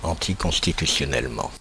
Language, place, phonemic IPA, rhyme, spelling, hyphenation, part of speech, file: French, Paris, /ɑ̃.ti.kɔ̃s.ti.ty.sjɔ.nɛl.mɑ̃/, -ɑ̃, anticonstitutionnellement, an‧ti‧cons‧ti‧tu‧tion‧nelle‧ment, adverb, Fr-anticonstitutionnellement.oga
- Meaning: anticonstitutionally